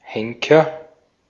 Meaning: hangman, an executioner, particularly for executions where blood is not shed
- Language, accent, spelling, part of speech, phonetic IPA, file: German, Austria, Henker, noun, [ˈhɛŋ.kɐ], De-at-Henker.ogg